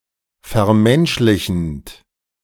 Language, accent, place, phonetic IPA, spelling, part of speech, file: German, Germany, Berlin, [fɛɐ̯ˈmɛnʃlɪçn̩t], vermenschlichend, verb, De-vermenschlichend.ogg
- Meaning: present participle of vermenschlichen